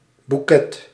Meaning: 1. bouquet (of flowers) 2. aroma (e.g. of wine or cigar)
- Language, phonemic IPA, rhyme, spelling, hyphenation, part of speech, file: Dutch, /buˈkɛt/, -ɛt, boeket, boe‧ket, noun, Nl-boeket.ogg